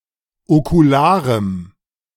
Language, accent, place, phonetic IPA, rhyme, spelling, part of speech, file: German, Germany, Berlin, [okuˈlaːʁəm], -aːʁəm, okularem, adjective, De-okularem.ogg
- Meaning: strong dative masculine/neuter singular of okular